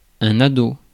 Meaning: teen, teenager
- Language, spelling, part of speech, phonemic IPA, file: French, ado, noun, /a.do/, Fr-ado.ogg